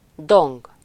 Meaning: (verb) 1. to buzz, bumble, drone 2. to boom, rumble, thunder (to make a dull, low-pitched, reverberating sound when hit)
- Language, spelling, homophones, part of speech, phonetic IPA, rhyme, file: Hungarian, dong, đồng, verb / noun, [ˈdoŋɡ], -oŋɡ, Hu-dong.ogg